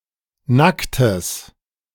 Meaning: strong/mixed nominative/accusative neuter singular of nackt
- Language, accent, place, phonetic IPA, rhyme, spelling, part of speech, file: German, Germany, Berlin, [ˈnaktəs], -aktəs, nacktes, adjective, De-nacktes.ogg